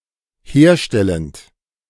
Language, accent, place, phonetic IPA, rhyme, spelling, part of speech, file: German, Germany, Berlin, [ˈheːɐ̯ˌʃtɛlənt], -eːɐ̯ʃtɛlənt, herstellend, verb, De-herstellend.ogg
- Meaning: present participle of herstellen